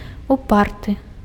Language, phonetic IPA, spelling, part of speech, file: Belarusian, [uˈpartɨ], упарты, adjective, Be-упарты.ogg
- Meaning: stubborn